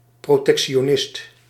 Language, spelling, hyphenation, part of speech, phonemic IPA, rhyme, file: Dutch, protectionist, pro‧tec‧ti‧o‧nist, noun, /ˌproː.tɛk.ʃoːˈnɪst/, -ɪst, Nl-protectionist.ogg
- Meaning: protectionist